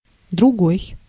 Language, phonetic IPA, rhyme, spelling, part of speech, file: Russian, [drʊˈɡoj], -oj, другой, determiner, Ru-другой.ogg
- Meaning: other, another, different, next, else, second (representing a different instance or of a different type/nature)